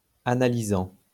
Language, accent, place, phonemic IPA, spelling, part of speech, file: French, France, Lyon, /a.na.li.zɑ̃/, analysant, verb, LL-Q150 (fra)-analysant.wav
- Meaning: present participle of analyser